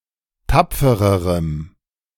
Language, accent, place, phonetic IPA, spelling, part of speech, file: German, Germany, Berlin, [ˈtap͡fəʁəʁəm], tapfererem, adjective, De-tapfererem.ogg
- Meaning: strong dative masculine/neuter singular comparative degree of tapfer